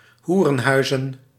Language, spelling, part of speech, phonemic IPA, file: Dutch, hoerenhuizen, noun, /ˈhurə(n)ˌhœyzə(n)/, Nl-hoerenhuizen.ogg
- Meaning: plural of hoerenhuis